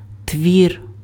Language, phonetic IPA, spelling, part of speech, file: Ukrainian, [tʲʋʲir], твір, noun, Uk-твір.ogg
- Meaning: work, writing, composition